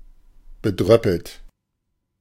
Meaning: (verb) past participle of bedröppeln; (adjective) crestfallen
- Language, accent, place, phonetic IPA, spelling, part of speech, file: German, Germany, Berlin, [bəˈdʁœpəlt], bedröppelt, adjective, De-bedröppelt.ogg